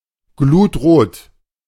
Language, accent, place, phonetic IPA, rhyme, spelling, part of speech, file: German, Germany, Berlin, [ˈɡluːtˌʁoːt], -uːtʁoːt, glutrot, adjective, De-glutrot.ogg
- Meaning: dark red (in colour)